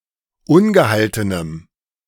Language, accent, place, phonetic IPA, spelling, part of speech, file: German, Germany, Berlin, [ˈʊnɡəˌhaltənəm], ungehaltenem, adjective, De-ungehaltenem.ogg
- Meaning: strong dative masculine/neuter singular of ungehalten